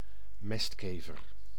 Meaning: dung beetle
- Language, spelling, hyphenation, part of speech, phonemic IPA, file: Dutch, mestkever, mest‧ke‧ver, noun, /ˈmɛstˌkeː.vər/, Nl-mestkever.ogg